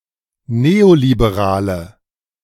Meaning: inflection of neoliberal: 1. strong/mixed nominative/accusative feminine singular 2. strong nominative/accusative plural 3. weak nominative all-gender singular
- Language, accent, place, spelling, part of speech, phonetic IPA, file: German, Germany, Berlin, neoliberale, adjective, [ˈneːolibeˌʁaːlə], De-neoliberale.ogg